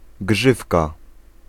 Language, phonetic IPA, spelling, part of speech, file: Polish, [ˈɡʒɨfka], grzywka, noun, Pl-grzywka.ogg